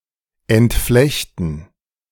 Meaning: 1. to disentangle 2. to unbraid
- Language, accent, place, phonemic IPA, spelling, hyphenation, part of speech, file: German, Germany, Berlin, /ɛntˈflɛçtn̩/, entflechten, ent‧flech‧ten, verb, De-entflechten.ogg